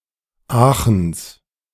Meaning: genitive singular of Aachen
- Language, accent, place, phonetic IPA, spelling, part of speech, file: German, Germany, Berlin, [ˈaːxn̩s], Aachens, noun, De-Aachens.ogg